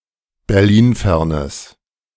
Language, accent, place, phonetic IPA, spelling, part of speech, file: German, Germany, Berlin, [bɛʁˈliːnˌfɛʁnəs], berlinfernes, adjective, De-berlinfernes.ogg
- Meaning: strong/mixed nominative/accusative neuter singular of berlinfern